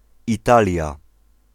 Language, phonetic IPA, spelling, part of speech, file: Polish, [iˈtalʲja], Italia, proper noun, Pl-Italia.ogg